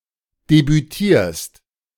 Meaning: second-person singular present of debütieren
- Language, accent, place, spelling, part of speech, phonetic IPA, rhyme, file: German, Germany, Berlin, debütierst, verb, [debyˈtiːɐ̯st], -iːɐ̯st, De-debütierst.ogg